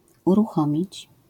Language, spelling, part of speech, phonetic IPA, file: Polish, uruchomić, verb, [ˌuruˈxɔ̃mʲit͡ɕ], LL-Q809 (pol)-uruchomić.wav